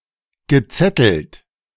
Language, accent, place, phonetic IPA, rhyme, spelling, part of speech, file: German, Germany, Berlin, [ɡəˈt͡sɛtl̩t], -ɛtl̩t, gezettelt, verb, De-gezettelt.ogg
- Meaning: past participle of zetteln